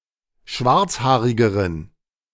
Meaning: inflection of schwarzhaarig: 1. strong genitive masculine/neuter singular comparative degree 2. weak/mixed genitive/dative all-gender singular comparative degree
- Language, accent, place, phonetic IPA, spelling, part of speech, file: German, Germany, Berlin, [ˈʃvaʁt͡sˌhaːʁɪɡəʁən], schwarzhaarigeren, adjective, De-schwarzhaarigeren.ogg